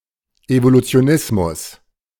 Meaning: evolutionism
- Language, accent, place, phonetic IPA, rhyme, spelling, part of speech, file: German, Germany, Berlin, [evolut͡si̯oˈnɪsmʊs], -ɪsmʊs, Evolutionismus, noun, De-Evolutionismus.ogg